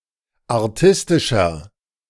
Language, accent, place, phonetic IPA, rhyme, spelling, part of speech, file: German, Germany, Berlin, [aʁˈtɪstɪʃɐ], -ɪstɪʃɐ, artistischer, adjective, De-artistischer.ogg
- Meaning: 1. comparative degree of artistisch 2. inflection of artistisch: strong/mixed nominative masculine singular 3. inflection of artistisch: strong genitive/dative feminine singular